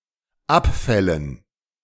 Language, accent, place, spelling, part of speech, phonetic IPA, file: German, Germany, Berlin, Abfällen, noun, [ˈapˌfɛlən], De-Abfällen.ogg
- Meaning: dative plural of Abfall